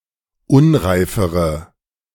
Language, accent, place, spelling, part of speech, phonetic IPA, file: German, Germany, Berlin, unreifere, adjective, [ˈʊnʁaɪ̯fəʁə], De-unreifere.ogg
- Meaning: inflection of unreif: 1. strong/mixed nominative/accusative feminine singular comparative degree 2. strong nominative/accusative plural comparative degree